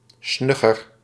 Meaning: smart
- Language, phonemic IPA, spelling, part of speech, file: Dutch, /ˈsnʏɣər/, snugger, adjective, Nl-snugger.ogg